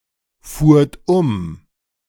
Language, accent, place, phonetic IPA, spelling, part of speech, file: German, Germany, Berlin, [ˌfuːɐ̯t ˈʊm], fuhrt um, verb, De-fuhrt um.ogg
- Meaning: second-person plural preterite of umfahren